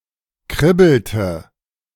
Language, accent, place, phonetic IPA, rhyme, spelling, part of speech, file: German, Germany, Berlin, [ˈkʁɪbl̩tə], -ɪbl̩tə, kribbelte, verb, De-kribbelte.ogg
- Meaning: inflection of kribbeln: 1. first/third-person singular preterite 2. first/third-person singular subjunctive II